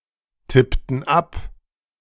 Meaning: inflection of abtippen: 1. first/third-person plural preterite 2. first/third-person plural subjunctive II
- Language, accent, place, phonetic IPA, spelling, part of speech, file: German, Germany, Berlin, [ˌtɪptn̩ ˈap], tippten ab, verb, De-tippten ab.ogg